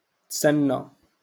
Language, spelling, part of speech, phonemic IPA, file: Moroccan Arabic, اتسنى, verb, /tsan.na/, LL-Q56426 (ary)-اتسنى.wav
- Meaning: to wait